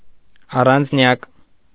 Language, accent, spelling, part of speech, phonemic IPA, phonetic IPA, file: Armenian, Eastern Armenian, առանձնյակ, noun, /ɑrɑnd͡zˈnjɑk/, [ɑrɑnd͡znjɑ́k], Hy-առանձնյակ.ogg
- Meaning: individual, person